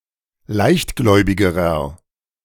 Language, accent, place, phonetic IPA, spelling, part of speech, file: German, Germany, Berlin, [ˈlaɪ̯çtˌɡlɔɪ̯bɪɡəʁɐ], leichtgläubigerer, adjective, De-leichtgläubigerer.ogg
- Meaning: inflection of leichtgläubig: 1. strong/mixed nominative masculine singular comparative degree 2. strong genitive/dative feminine singular comparative degree